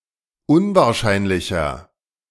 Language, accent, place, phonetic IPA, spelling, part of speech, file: German, Germany, Berlin, [ˈʊnvaːɐ̯ˌʃaɪ̯nlɪçɐ], unwahrscheinlicher, adjective, De-unwahrscheinlicher.ogg
- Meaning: 1. comparative degree of unwahrscheinlich 2. inflection of unwahrscheinlich: strong/mixed nominative masculine singular 3. inflection of unwahrscheinlich: strong genitive/dative feminine singular